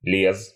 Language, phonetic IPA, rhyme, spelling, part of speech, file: Russian, [lʲes], -es, лез, verb, Ru-лез.ogg
- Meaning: masculine singular past indicative imperfective of лезть (leztʹ)